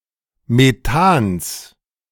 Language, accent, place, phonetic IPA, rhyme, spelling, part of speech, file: German, Germany, Berlin, [meˈtaːns], -aːns, Methans, noun, De-Methans.ogg
- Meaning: genitive singular of Methan